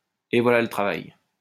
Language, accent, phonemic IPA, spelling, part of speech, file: French, France, /e vwa.la lə tʁa.vaj/, et voilà le travail, interjection, LL-Q150 (fra)-et voilà le travail.wav
- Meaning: 1. Bob's your uncle! 2. ta-da! shazaam!